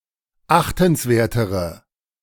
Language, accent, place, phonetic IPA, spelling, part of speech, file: German, Germany, Berlin, [ˈaxtn̩sˌveːɐ̯təʁə], achtenswertere, adjective, De-achtenswertere.ogg
- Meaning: inflection of achtenswert: 1. strong/mixed nominative/accusative feminine singular comparative degree 2. strong nominative/accusative plural comparative degree